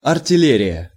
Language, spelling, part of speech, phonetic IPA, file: Russian, артиллерия, noun, [ɐrtʲɪˈlʲerʲɪjə], Ru-артиллерия.ogg
- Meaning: artillery